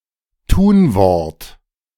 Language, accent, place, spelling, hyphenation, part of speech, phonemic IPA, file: German, Germany, Berlin, Tunwort, Tun‧wort, noun, /ˈtuːnˌvɔʁt/, De-Tunwort.ogg
- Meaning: verb